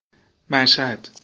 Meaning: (noun) place of martyrdom; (proper noun) Mashhad (a city in Iran, the seat of Mashhad County's Central District and the capital of Razavi Khorasan Province)
- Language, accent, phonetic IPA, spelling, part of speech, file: Persian, Iran, [mæʃ.hǽd̪̥], مشهد, noun / proper noun, Fa-ir-mashhad (1).ogg